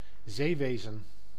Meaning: 1. navigation, seafaring 2. sea creature
- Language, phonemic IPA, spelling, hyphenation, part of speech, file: Dutch, /ˈzeːˌʋeː.zə(n)/, zeewezen, zee‧we‧zen, noun, Nl-zeewezen.ogg